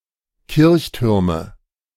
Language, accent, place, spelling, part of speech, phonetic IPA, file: German, Germany, Berlin, Kirchtürme, noun, [ˈkɪʁçˌtʏʁmə], De-Kirchtürme.ogg
- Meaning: nominative/accusative/genitive plural of Kirchturm